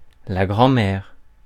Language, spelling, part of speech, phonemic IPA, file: French, grand-mère, noun, /ɡʁɑ̃.mɛʁ/, Fr-grand-mère.ogg
- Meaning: grandmother